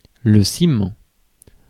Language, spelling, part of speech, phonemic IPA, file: French, ciment, noun, /si.mɑ̃/, Fr-ciment.ogg
- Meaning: cement